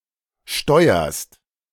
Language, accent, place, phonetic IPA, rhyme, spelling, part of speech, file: German, Germany, Berlin, [ˈʃtɔɪ̯ɐst], -ɔɪ̯ɐst, steuerst, verb, De-steuerst.ogg
- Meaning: second-person singular present of steuern